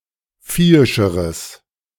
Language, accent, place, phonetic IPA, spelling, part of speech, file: German, Germany, Berlin, [ˈfiːɪʃəʁəs], viehischeres, adjective, De-viehischeres.ogg
- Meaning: strong/mixed nominative/accusative neuter singular comparative degree of viehisch